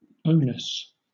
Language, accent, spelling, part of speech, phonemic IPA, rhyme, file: English, Southern England, onus, noun, /ˈəʊnəs/, -əʊnəs, LL-Q1860 (eng)-onus.wav
- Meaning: 1. A legal obligation 2. Burden of proof, onus probandi 3. Stigma 4. Blame 5. Responsibility; burden